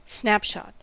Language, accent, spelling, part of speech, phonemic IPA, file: English, US, snapshot, noun / verb, /ˈsnæpʃɒt/, En-us-snapshot.ogg
- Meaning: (noun) 1. A photograph, especially one taken quickly or in a sudden moment of opportunity 2. A glimpse of something; a portrayal of something at a moment in time